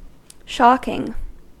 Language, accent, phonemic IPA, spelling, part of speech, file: English, US, /ˈʃɑkɪŋ/, shocking, adjective / verb / noun, En-us-shocking.ogg
- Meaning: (adjective) 1. Inspiring shock; startling 2. Unusually obscene or lewd 3. Extremely bad; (verb) present participle and gerund of shock; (noun) The application of an electric shock